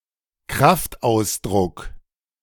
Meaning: swear word
- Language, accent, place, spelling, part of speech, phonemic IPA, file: German, Germany, Berlin, Kraftausdruck, noun, /ˈkʁaftˌʔaʊ̯s.dʁʊk/, De-Kraftausdruck.ogg